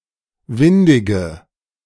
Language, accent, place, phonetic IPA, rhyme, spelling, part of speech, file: German, Germany, Berlin, [ˈvɪndɪɡə], -ɪndɪɡə, windige, adjective, De-windige.ogg
- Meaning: inflection of windig: 1. strong/mixed nominative/accusative feminine singular 2. strong nominative/accusative plural 3. weak nominative all-gender singular 4. weak accusative feminine/neuter singular